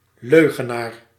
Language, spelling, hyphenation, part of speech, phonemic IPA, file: Dutch, leugenaar, leu‧ge‧naar, noun, /ˈløɣəˌnar/, Nl-leugenaar.ogg
- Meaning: liar